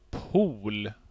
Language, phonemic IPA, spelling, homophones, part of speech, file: Swedish, /puːl/, pol, pool, noun, Sv-pol.ogg
- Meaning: 1. a pole, an extreme point, usually magnetically or geographically, such as the North Pole or South Pole 2. a pole, the points of an electrical battery between which the voltage arises